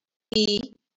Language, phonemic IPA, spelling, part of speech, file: Marathi, /iː/, ई, character, LL-Q1571 (mar)-ई.wav
- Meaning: The fourth vowel in Marathi